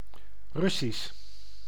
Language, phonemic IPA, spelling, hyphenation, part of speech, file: Dutch, /ˈrʏ.sis/, Russisch, Rus‧sisch, adjective / noun, Nl-Russisch.ogg
- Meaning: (adjective) Russian, referring to Russia; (noun) Russian, language of Russia